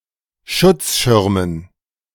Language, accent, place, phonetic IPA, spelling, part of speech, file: German, Germany, Berlin, [ˈʃʊt͡sˌʃɪʁmən], Schutzschirmen, noun, De-Schutzschirmen.ogg
- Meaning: dative plural of Schutzschirm